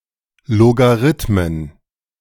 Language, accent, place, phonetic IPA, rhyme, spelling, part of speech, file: German, Germany, Berlin, [ˌloɡaˈʁɪtmən], -ɪtmən, Logarithmen, noun, De-Logarithmen.ogg
- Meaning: plural of Logarithmus